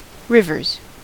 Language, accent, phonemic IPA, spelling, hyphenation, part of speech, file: English, US, /ˈɹɪvɚz/, rivers, riv‧ers, noun / verb, En-us-rivers.ogg
- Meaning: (noun) plural of river; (verb) third-person singular simple present indicative of river